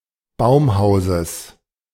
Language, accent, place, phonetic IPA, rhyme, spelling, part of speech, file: German, Germany, Berlin, [ˈbaʊ̯mˌhaʊ̯zəs], -aʊ̯mhaʊ̯zəs, Baumhauses, noun, De-Baumhauses.ogg
- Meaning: genitive singular of Baumhaus